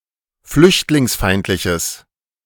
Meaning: strong/mixed nominative/accusative neuter singular of flüchtlingsfeindlich
- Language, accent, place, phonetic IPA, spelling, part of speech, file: German, Germany, Berlin, [ˈflʏçtlɪŋsˌfaɪ̯ntlɪçəs], flüchtlingsfeindliches, adjective, De-flüchtlingsfeindliches.ogg